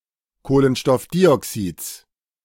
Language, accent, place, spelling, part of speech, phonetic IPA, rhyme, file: German, Germany, Berlin, Kohlenstoffdioxids, noun, [ˌkoːlənʃtɔfˈdiːʔɔksiːt͡s], -iːʔɔksiːt͡s, De-Kohlenstoffdioxids.ogg
- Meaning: genitive singular of Kohlenstoffdioxid